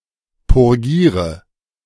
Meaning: inflection of purgieren: 1. first-person singular present 2. first/third-person singular subjunctive I 3. singular imperative
- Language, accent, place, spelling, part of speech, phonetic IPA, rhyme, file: German, Germany, Berlin, purgiere, verb, [pʊʁˈɡiːʁə], -iːʁə, De-purgiere.ogg